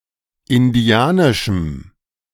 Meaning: strong dative masculine/neuter singular of indianisch
- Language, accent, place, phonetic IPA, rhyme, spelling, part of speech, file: German, Germany, Berlin, [ɪnˈdi̯aːnɪʃm̩], -aːnɪʃm̩, indianischem, adjective, De-indianischem.ogg